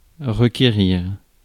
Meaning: 1. to call for, to require 2. to request, to summon 3. to demand 4. to need
- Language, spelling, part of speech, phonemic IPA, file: French, requérir, verb, /ʁə.ke.ʁiʁ/, Fr-requérir.ogg